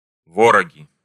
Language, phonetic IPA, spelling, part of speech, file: Russian, [ˈvorəɡʲɪ], вороги, noun, Ru-вороги.ogg
- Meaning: nominative plural of во́рог (vórog)